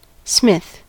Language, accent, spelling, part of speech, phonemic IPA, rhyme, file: English, US, smith, noun / verb, /smɪθ/, -ɪθ, En-us-smith.ogg
- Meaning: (noun) A craftsperson who works metal into desired forms using a hammer and other tools, sometimes heating the metal to make it more workable, especially a blacksmith